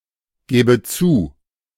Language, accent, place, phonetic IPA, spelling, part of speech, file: German, Germany, Berlin, [ˌɡɛːbə ˈt͡suː], gäbe zu, verb, De-gäbe zu.ogg
- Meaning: first/third-person singular subjunctive II of zugeben